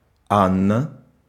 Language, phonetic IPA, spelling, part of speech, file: Russian, [ˈanːə], Анна, proper noun, Ru-Анна.ogg
- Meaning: 1. a female given name, equivalent to English Ann, Anna, or Ana 2. Alpha (A in the ICAO spelling alphabet) 3. Order of Saint Anna 4. Anna (a sailing frigate of the Russian Imperial Navy)